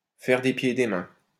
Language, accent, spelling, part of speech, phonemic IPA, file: French, France, faire des pieds et des mains, verb, /fɛʁ de pje e de mɛ̃/, LL-Q150 (fra)-faire des pieds et des mains.wav
- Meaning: to bend over backwards, to go out of one's way, to move heaven and earth